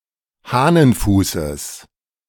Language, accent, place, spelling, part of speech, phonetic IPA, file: German, Germany, Berlin, Hahnenfußes, noun, [ˈhaːnənˌfuːsəs], De-Hahnenfußes.ogg
- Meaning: genitive of Hahnenfuß